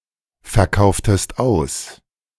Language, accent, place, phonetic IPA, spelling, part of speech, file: German, Germany, Berlin, [fɛɐ̯ˌkaʊ̯ftəst ˈaʊ̯s], verkauftest aus, verb, De-verkauftest aus.ogg
- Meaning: inflection of ausverkaufen: 1. second-person singular preterite 2. second-person singular subjunctive II